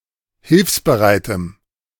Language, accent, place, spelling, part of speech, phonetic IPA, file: German, Germany, Berlin, hilfsbereitem, adjective, [ˈhɪlfsbəˌʁaɪ̯təm], De-hilfsbereitem.ogg
- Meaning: strong dative masculine/neuter singular of hilfsbereit